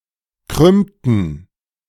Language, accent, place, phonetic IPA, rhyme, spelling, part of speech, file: German, Germany, Berlin, [ˈkʁʏmtn̩], -ʏmtn̩, krümmten, verb, De-krümmten.ogg
- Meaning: inflection of krümmen: 1. first/third-person plural preterite 2. first/third-person plural subjunctive II